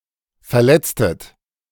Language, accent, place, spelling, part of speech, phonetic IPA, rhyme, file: German, Germany, Berlin, verletztet, verb, [fɛɐ̯ˈlɛt͡stət], -ɛt͡stət, De-verletztet.ogg
- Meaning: inflection of verletzen: 1. second-person plural preterite 2. second-person plural subjunctive II